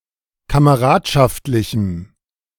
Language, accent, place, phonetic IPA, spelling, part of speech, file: German, Germany, Berlin, [kaməˈʁaːtʃaftlɪçm̩], kameradschaftlichem, adjective, De-kameradschaftlichem.ogg
- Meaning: strong dative masculine/neuter singular of kameradschaftlich